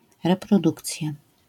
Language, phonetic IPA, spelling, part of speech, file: Polish, [ˌrɛprɔˈdukt͡sʲja], reprodukcja, noun, LL-Q809 (pol)-reprodukcja.wav